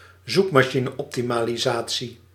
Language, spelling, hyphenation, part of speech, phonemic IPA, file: Dutch, zoekmachineoptimalisatie, zoek‧ma‧chi‧ne‧op‧ti‧ma‧li‧sa‧tie, noun, /ˈzuk.maː.ʃi.nə.ɔp.ti.maː.liˌzaː.(t)si/, Nl-zoekmachineoptimalisatie.ogg
- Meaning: search engine optimization, SEO